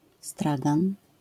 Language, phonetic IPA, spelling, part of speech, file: Polish, [ˈstraɡãn], stragan, noun, LL-Q809 (pol)-stragan.wav